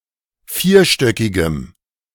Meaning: strong dative masculine/neuter singular of vierstöckig
- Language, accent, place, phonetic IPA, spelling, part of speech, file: German, Germany, Berlin, [ˈfiːɐ̯ˌʃtœkɪɡəm], vierstöckigem, adjective, De-vierstöckigem.ogg